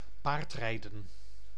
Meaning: horseriding
- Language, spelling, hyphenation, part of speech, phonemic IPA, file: Dutch, paardrijden, paard‧rij‧den, noun, /ˈpaːrt.rɛi̯ˌdə(n)/, Nl-paardrijden.ogg